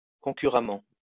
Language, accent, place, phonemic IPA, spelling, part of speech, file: French, France, Lyon, /kɔ̃.ky.ʁa.mɑ̃/, concurremment, adverb, LL-Q150 (fra)-concurremment.wav
- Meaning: concurrently; in competition